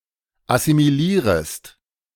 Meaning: second-person singular subjunctive I of assimilieren
- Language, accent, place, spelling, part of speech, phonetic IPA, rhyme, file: German, Germany, Berlin, assimilierest, verb, [asimiˈliːʁəst], -iːʁəst, De-assimilierest.ogg